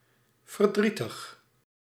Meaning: sad (chiefly in relation to the emotions of human and animals)
- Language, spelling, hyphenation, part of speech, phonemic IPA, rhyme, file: Dutch, verdrietig, ver‧drie‧tig, adjective, /vərˈdri.təx/, -itəx, Nl-verdrietig.ogg